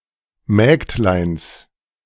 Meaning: genitive of Mägdlein
- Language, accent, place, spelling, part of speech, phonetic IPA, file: German, Germany, Berlin, Mägdleins, noun, [ˈmɛːktlaɪ̯ns], De-Mägdleins.ogg